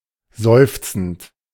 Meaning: present participle of seufzen
- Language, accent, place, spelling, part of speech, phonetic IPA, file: German, Germany, Berlin, seufzend, verb, [ˈzɔɪ̯ft͡sn̩t], De-seufzend.ogg